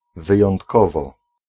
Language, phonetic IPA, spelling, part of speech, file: Polish, [ˌvɨjɔ̃ntˈkɔvɔ], wyjątkowo, adverb, Pl-wyjątkowo.ogg